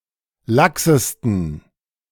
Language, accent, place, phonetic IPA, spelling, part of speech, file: German, Germany, Berlin, [ˈlaksəstn̩], laxesten, adjective, De-laxesten.ogg
- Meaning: 1. superlative degree of lax 2. inflection of lax: strong genitive masculine/neuter singular superlative degree 3. inflection of lax: weak/mixed genitive/dative all-gender singular superlative degree